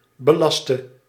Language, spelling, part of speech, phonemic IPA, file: Dutch, belaste, verb / adjective, /bəˈlɑstə/, Nl-belaste.ogg
- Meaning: singular present subjunctive of belasten